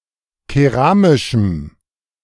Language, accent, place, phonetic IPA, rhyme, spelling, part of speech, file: German, Germany, Berlin, [keˈʁaːmɪʃm̩], -aːmɪʃm̩, keramischem, adjective, De-keramischem.ogg
- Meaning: strong dative masculine/neuter singular of keramisch